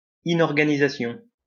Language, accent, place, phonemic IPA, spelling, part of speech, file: French, France, Lyon, /i.nɔʁ.ɡa.ni.za.sjɔ̃/, inorganisation, noun, LL-Q150 (fra)-inorganisation.wav
- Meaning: disorganisation